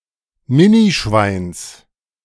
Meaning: genitive of Minischwein
- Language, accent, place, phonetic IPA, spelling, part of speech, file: German, Germany, Berlin, [ˈmɪniˌʃvaɪ̯ns], Minischweins, noun, De-Minischweins.ogg